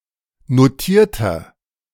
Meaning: inflection of notiert: 1. strong/mixed nominative masculine singular 2. strong genitive/dative feminine singular 3. strong genitive plural
- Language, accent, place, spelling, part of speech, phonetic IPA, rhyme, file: German, Germany, Berlin, notierter, adjective, [noˈtiːɐ̯tɐ], -iːɐ̯tɐ, De-notierter.ogg